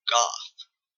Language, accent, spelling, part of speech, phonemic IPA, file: English, Canada, goth, noun / adjective, /ɡɑθ/, En-ca-goth.oga
- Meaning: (noun) 1. A punk-derived subculture of people who predominantly dress in black, associated with mournful music and attitudes 2. A style of punk rock influenced by glam rock; gothic rock